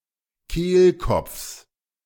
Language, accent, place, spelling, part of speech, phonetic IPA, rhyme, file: German, Germany, Berlin, Kehlkopfs, noun, [ˈkeːlˌkɔp͡fs], -eːlkɔp͡fs, De-Kehlkopfs.ogg
- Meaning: genitive singular of Kehlkopf